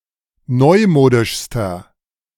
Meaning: inflection of neumodisch: 1. strong/mixed nominative masculine singular superlative degree 2. strong genitive/dative feminine singular superlative degree 3. strong genitive plural superlative degree
- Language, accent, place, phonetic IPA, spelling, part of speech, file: German, Germany, Berlin, [ˈnɔɪ̯ˌmoːdɪʃstɐ], neumodischster, adjective, De-neumodischster.ogg